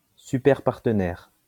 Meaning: superpartner
- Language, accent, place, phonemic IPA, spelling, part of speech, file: French, France, Lyon, /sy.pɛʁ.paʁ.tə.nɛʁ/, superpartenaire, noun, LL-Q150 (fra)-superpartenaire.wav